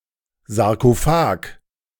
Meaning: sarcophagus
- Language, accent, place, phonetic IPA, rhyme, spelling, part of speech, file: German, Germany, Berlin, [zaʁkoˈfaːk], -aːk, Sarkophag, noun, De-Sarkophag.ogg